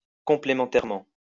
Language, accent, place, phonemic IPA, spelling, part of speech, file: French, France, Lyon, /kɔ̃.ple.mɑ̃.tɛʁ.mɑ̃/, complémentairement, adverb, LL-Q150 (fra)-complémentairement.wav
- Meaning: complementarily